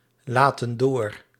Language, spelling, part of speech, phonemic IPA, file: Dutch, laten door, verb, /ˈlatə(n) ˈdor/, Nl-laten door.ogg
- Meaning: inflection of doorlaten: 1. plural present indicative 2. plural present subjunctive